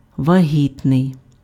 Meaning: pregnant
- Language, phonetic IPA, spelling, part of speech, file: Ukrainian, [ʋɐˈɦʲitnei̯], вагітний, adjective, Uk-вагітний.ogg